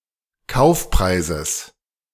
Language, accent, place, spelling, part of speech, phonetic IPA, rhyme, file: German, Germany, Berlin, Kaufpreises, noun, [ˈkaʊ̯fˌpʁaɪ̯zəs], -aʊ̯fpʁaɪ̯zəs, De-Kaufpreises.ogg
- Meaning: genitive singular of Kaufpreis